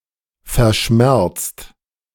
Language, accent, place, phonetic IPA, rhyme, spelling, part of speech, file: German, Germany, Berlin, [fɛɐ̯ˈʃmɛʁt͡st], -ɛʁt͡st, verschmerzt, verb, De-verschmerzt.ogg
- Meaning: 1. past participle of verschmerzen 2. inflection of verschmerzen: third-person singular present 3. inflection of verschmerzen: second-person plural present